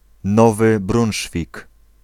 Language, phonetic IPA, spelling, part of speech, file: Polish, [ˈnɔvɨ ˈbrũw̃ʃfʲik], Nowy Brunszwik, proper noun, Pl-Nowy Brunszwik.ogg